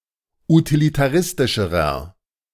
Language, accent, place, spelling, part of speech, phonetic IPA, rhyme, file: German, Germany, Berlin, utilitaristischerer, adjective, [utilitaˈʁɪstɪʃəʁɐ], -ɪstɪʃəʁɐ, De-utilitaristischerer.ogg
- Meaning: inflection of utilitaristisch: 1. strong/mixed nominative masculine singular comparative degree 2. strong genitive/dative feminine singular comparative degree